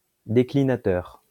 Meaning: declinator
- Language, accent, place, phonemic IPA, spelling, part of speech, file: French, France, Lyon, /de.kli.na.tœʁ/, déclinateur, noun, LL-Q150 (fra)-déclinateur.wav